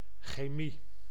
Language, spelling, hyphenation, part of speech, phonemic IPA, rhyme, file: Dutch, chemie, che‧mie, noun, /xeːˈmi/, -i, Nl-chemie.ogg
- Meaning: 1. chemistry, the branch of natural science studying the composition and properties of matter 2. chemistry, attraction, rapport